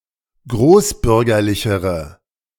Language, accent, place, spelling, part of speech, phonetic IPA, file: German, Germany, Berlin, großbürgerlichere, adjective, [ˈɡʁoːsˌbʏʁɡɐlɪçəʁə], De-großbürgerlichere.ogg
- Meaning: inflection of großbürgerlich: 1. strong/mixed nominative/accusative feminine singular comparative degree 2. strong nominative/accusative plural comparative degree